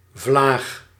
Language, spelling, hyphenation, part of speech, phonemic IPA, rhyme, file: Dutch, vlaag, vlaag, noun, /vlaːx/, -aːx, Nl-vlaag.ogg
- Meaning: 1. gust 2. mood swing